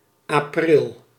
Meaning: the month of April
- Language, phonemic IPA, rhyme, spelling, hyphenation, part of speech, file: Dutch, /ɑˈprɪl/, -ɪl, april, april, noun, Nl-april.ogg